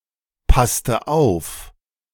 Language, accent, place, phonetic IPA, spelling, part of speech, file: German, Germany, Berlin, [ˌpastə ˈaʊ̯f], passte auf, verb, De-passte auf.ogg
- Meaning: inflection of aufpassen: 1. first/third-person singular preterite 2. first/third-person singular subjunctive II